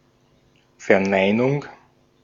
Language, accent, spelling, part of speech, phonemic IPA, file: German, Austria, Verneinung, noun, /fɛɐ̯ˈnaɪ̯nʊŋ/, De-at-Verneinung.ogg
- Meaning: 1. denial 2. negation 3. negative